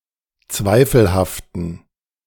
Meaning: inflection of zweifelhaft: 1. strong genitive masculine/neuter singular 2. weak/mixed genitive/dative all-gender singular 3. strong/weak/mixed accusative masculine singular 4. strong dative plural
- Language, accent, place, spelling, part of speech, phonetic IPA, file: German, Germany, Berlin, zweifelhaften, adjective, [ˈt͡svaɪ̯fl̩haftn̩], De-zweifelhaften.ogg